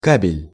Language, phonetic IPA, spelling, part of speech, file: Russian, [ˈkabʲɪlʲ], кабель, noun, Ru-кабель.ogg
- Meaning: cable